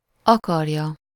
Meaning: 1. third-person singular indicative present definite of akar 2. third-person singular subjunctive present definite of akar
- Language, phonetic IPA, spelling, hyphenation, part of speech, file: Hungarian, [ˈɒkɒrjɒ], akarja, akar‧ja, verb, Hu-akarja.ogg